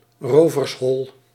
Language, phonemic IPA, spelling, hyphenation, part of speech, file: Dutch, /ˈroː.vərsˌɦɔl/, rovershol, ro‧vers‧hol, noun, Nl-rovershol.ogg
- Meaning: den of thieves